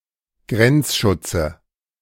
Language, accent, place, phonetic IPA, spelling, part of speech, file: German, Germany, Berlin, [ˈɡʁɛnt͡sˌʃʊt͡sə], Grenzschutze, noun, De-Grenzschutze.ogg
- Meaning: dative singular of Grenzschutz